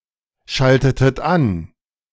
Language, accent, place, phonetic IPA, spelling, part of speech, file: German, Germany, Berlin, [ˌʃaltətət ˈan], schaltetet an, verb, De-schaltetet an.ogg
- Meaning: inflection of anschalten: 1. second-person plural preterite 2. second-person plural subjunctive II